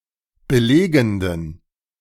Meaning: inflection of belegend: 1. strong genitive masculine/neuter singular 2. weak/mixed genitive/dative all-gender singular 3. strong/weak/mixed accusative masculine singular 4. strong dative plural
- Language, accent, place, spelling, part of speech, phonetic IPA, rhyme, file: German, Germany, Berlin, belegenden, adjective, [bəˈleːɡn̩dən], -eːɡn̩dən, De-belegenden.ogg